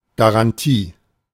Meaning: 1. guarantee 2. warranty
- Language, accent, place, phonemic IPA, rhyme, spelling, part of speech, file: German, Germany, Berlin, /ɡa.ʁanˈtiː/, -iː, Garantie, noun, De-Garantie.ogg